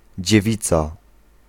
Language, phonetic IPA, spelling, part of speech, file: Polish, [d͡ʑɛˈvʲit͡sa], dziewica, noun, Pl-dziewica.ogg